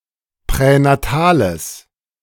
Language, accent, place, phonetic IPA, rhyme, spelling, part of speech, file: German, Germany, Berlin, [pʁɛnaˈtaːləs], -aːləs, pränatales, adjective, De-pränatales.ogg
- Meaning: strong/mixed nominative/accusative neuter singular of pränatal